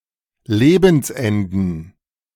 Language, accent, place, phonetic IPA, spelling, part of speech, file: German, Germany, Berlin, [ˈleːbn̩sˌʔɛndn̩], Lebensenden, noun, De-Lebensenden.ogg
- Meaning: plural of Lebensende